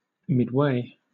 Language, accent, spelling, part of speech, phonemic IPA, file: English, Southern England, midway, noun / adjective / adverb, /mɪdweɪ/, LL-Q1860 (eng)-midway.wav
- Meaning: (noun) 1. The middle; the midst 2. A middle way or manner; a mean or middle path between extremes 3. The part of a fair or circus where rides, entertainments, and booths are concentrated